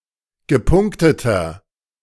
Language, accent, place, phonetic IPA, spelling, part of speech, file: German, Germany, Berlin, [ɡəˈpʊŋktətɐ], gepunkteter, adjective, De-gepunkteter.ogg
- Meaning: inflection of gepunktet: 1. strong/mixed nominative masculine singular 2. strong genitive/dative feminine singular 3. strong genitive plural